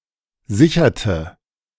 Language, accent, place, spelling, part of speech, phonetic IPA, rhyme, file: German, Germany, Berlin, sicherte, verb, [ˈzɪçɐtə], -ɪçɐtə, De-sicherte.ogg
- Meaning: inflection of sichern: 1. first/third-person singular preterite 2. first/third-person singular subjunctive II